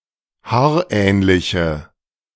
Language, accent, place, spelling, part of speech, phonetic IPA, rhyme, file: German, Germany, Berlin, haarähnliche, adjective, [ˈhaːɐ̯ˌʔɛːnlɪçə], -aːɐ̯ʔɛːnlɪçə, De-haarähnliche.ogg
- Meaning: inflection of haarähnlich: 1. strong/mixed nominative/accusative feminine singular 2. strong nominative/accusative plural 3. weak nominative all-gender singular